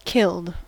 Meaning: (verb) simple past and past participle of kill; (adjective) 1. Deoxidized 2. Inactivated
- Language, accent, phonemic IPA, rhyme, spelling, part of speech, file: English, US, /kɪld/, -ɪld, killed, verb / adjective, En-us-killed.ogg